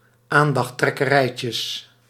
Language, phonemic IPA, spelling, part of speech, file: Dutch, /ˈandɑxˌtrɛkəˌrɛicəs/, aandachttrekkerijtjes, noun, Nl-aandachttrekkerijtjes.ogg
- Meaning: plural of aandachttrekkerijtje